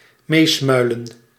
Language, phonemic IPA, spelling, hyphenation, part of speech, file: Dutch, /ˈmeːsˌmœy̯.lə(n)/, meesmuilen, mees‧mui‧len, verb, Nl-meesmuilen.ogg
- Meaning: to laugh in a jeering or mocking fashion